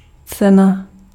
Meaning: 1. price 2. prize
- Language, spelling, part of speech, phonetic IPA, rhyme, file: Czech, cena, noun, [ˈt͡sɛna], -ɛna, Cs-cena.ogg